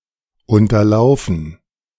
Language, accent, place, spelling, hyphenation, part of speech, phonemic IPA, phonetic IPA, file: German, Germany, Berlin, Unterlaufen, Un‧ter‧lau‧fen, noun, /ˌʊntɐˈlaʊ̯fən/, [ˌʊntɐˈlaʊ̯fn̩], De-Unterlaufen.ogg
- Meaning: gerund of unterlaufen